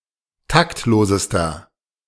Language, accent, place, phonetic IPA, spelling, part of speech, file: German, Germany, Berlin, [ˈtaktˌloːzəstɐ], taktlosester, adjective, De-taktlosester.ogg
- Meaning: inflection of taktlos: 1. strong/mixed nominative masculine singular superlative degree 2. strong genitive/dative feminine singular superlative degree 3. strong genitive plural superlative degree